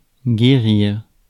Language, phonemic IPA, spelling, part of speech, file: French, /ɡe.ʁiʁ/, guérir, verb, Fr-guérir.ogg
- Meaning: 1. to cure, to heal 2. to recover, to heal